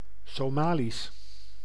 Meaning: Somali
- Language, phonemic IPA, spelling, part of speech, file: Dutch, /soːˈmaːlis/, Somalisch, proper noun, Nl-Somalisch.ogg